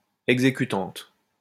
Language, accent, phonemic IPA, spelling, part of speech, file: French, France, /ɛɡ.ze.ky.tɑ̃t/, exécutante, noun, LL-Q150 (fra)-exécutante.wav
- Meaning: female equivalent of exécutant